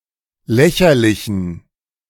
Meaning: inflection of lächerlich: 1. strong genitive masculine/neuter singular 2. weak/mixed genitive/dative all-gender singular 3. strong/weak/mixed accusative masculine singular 4. strong dative plural
- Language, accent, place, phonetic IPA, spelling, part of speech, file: German, Germany, Berlin, [ˈlɛçɐlɪçn̩], lächerlichen, adjective, De-lächerlichen.ogg